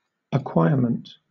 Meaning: 1. Something that has been acquired; an attainment or accomplishment 2. The act or fact of acquiring something; acquisition
- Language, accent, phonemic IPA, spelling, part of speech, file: English, Southern England, /əˈkwaɪə(ɹ)mənt/, acquirement, noun, LL-Q1860 (eng)-acquirement.wav